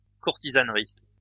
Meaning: any action taken by a group of courtiers
- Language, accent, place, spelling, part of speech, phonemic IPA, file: French, France, Lyon, courtisanerie, noun, /kuʁ.ti.zan.ʁi/, LL-Q150 (fra)-courtisanerie.wav